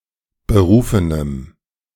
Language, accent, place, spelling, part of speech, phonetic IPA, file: German, Germany, Berlin, berufenem, adjective, [bəˈʁuːfənəm], De-berufenem.ogg
- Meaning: strong dative masculine/neuter singular of berufen